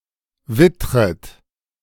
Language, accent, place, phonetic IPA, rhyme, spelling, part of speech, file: German, Germany, Berlin, [ˈvɪtʁət], -ɪtʁət, wittret, verb, De-wittret.ogg
- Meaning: second-person plural subjunctive I of wittern